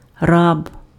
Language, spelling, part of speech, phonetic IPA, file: Ukrainian, раб, noun, [rab], Uk-раб.ogg
- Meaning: slave, serf